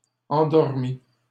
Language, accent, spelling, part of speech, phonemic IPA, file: French, Canada, endormis, adjective / verb, /ɑ̃.dɔʁ.mi/, LL-Q150 (fra)-endormis.wav
- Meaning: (adjective) masculine plural of endormi; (verb) first/second-person singular past historic of endormir